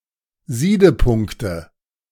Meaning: nominative/accusative/genitive plural of Siedepunkt
- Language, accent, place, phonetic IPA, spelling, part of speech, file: German, Germany, Berlin, [ˈziːdəˌpʊŋktə], Siedepunkte, noun, De-Siedepunkte.ogg